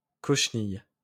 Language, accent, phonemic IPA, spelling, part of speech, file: French, France, /kɔʃ.nij/, cochenille, noun, LL-Q150 (fra)-cochenille.wav
- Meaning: cochineal (insect & pigment)